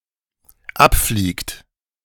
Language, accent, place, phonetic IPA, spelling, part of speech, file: German, Germany, Berlin, [ˈapfliːkt], abfliegt, verb, De-abfliegt.ogg
- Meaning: inflection of abfliegen: 1. third-person singular dependent present 2. second-person plural dependent present